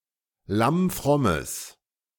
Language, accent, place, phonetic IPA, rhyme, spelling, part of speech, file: German, Germany, Berlin, [ˌlamˈfʁɔməs], -ɔməs, lammfrommes, adjective, De-lammfrommes.ogg
- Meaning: strong/mixed nominative/accusative neuter singular of lammfromm